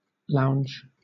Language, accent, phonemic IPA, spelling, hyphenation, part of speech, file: English, Southern England, /ˈlaʊ̯nd͡ʒ/, lounge, lounge, verb / noun, LL-Q1860 (eng)-lounge.wav
- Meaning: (verb) 1. To relax; to spend time lazily; to stand, sit, or recline, in an indolent manner 2. To walk or go in a leisurely manner